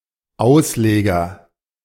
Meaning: 1. cantilever 2. boom (of a crane) 3. outrigger 4. exegete
- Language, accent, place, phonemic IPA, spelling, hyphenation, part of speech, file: German, Germany, Berlin, /ˈaʊ̯sˌleːɡɐ/, Ausleger, Aus‧le‧ger, noun, De-Ausleger.ogg